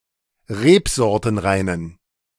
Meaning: inflection of rebsortenrein: 1. strong genitive masculine/neuter singular 2. weak/mixed genitive/dative all-gender singular 3. strong/weak/mixed accusative masculine singular 4. strong dative plural
- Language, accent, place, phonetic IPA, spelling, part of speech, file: German, Germany, Berlin, [ˈʁeːpzɔʁtənˌʁaɪ̯nən], rebsortenreinen, adjective, De-rebsortenreinen.ogg